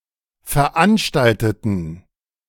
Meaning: inflection of veranstalten: 1. first/third-person plural preterite 2. first/third-person plural subjunctive II
- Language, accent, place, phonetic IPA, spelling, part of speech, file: German, Germany, Berlin, [fɛɐ̯ˈʔanʃtaltətn̩], veranstalteten, adjective / verb, De-veranstalteten.ogg